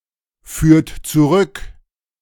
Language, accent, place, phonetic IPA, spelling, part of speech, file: German, Germany, Berlin, [ˌfyːɐ̯t t͡suˈʁʏk], führt zurück, verb, De-führt zurück.ogg
- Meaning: inflection of zurückführen: 1. second-person plural present 2. third-person singular present 3. plural imperative